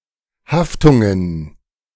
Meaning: plural of Haftung
- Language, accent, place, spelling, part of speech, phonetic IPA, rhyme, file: German, Germany, Berlin, Haftungen, noun, [ˈhaftʊŋən], -aftʊŋən, De-Haftungen.ogg